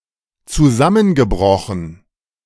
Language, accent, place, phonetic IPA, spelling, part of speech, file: German, Germany, Berlin, [t͡suˈzamənɡəˌbʁɔxn̩], zusammengebrochen, adjective / verb, De-zusammengebrochen.ogg
- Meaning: past participle of zusammenbrechen